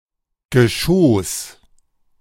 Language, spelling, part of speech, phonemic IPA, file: German, Geschoß, noun, /ɡəˈʃoːs/, De-Geschoß.ogg
- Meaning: 1. Austria standard spelling of Geschoss 2. Upper German form of Geschoss